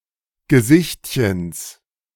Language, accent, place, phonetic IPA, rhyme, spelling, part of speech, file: German, Germany, Berlin, [ɡəˈzɪçtçəns], -ɪçtçəns, Gesichtchens, noun, De-Gesichtchens.ogg
- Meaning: genitive of Gesichtchen